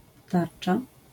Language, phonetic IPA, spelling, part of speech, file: Polish, [ˈtart͡ʃa], tarcza, noun, LL-Q809 (pol)-tarcza.wav